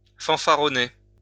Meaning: to boast, swagger
- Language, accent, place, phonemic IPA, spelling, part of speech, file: French, France, Lyon, /fɑ̃.fa.ʁɔ.ne/, fanfaronner, verb, LL-Q150 (fra)-fanfaronner.wav